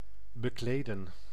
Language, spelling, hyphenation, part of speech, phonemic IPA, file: Dutch, bekleden, be‧kle‧den, verb, /bəˈkleːdə(n)/, Nl-bekleden.ogg
- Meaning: 1. to clothe 2. to upholster 3. to grant someone an official position (such as priesthood)